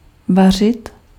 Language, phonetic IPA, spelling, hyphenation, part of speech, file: Czech, [ˈvar̝ɪt], vařit, va‧řit, verb, Cs-vařit.ogg
- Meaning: 1. to cook 2. to brew (about beer) 3. to boil